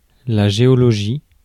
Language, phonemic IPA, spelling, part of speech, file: French, /ʒe.ɔ.lɔ.ʒi/, géologie, noun, Fr-géologie.ogg
- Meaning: geology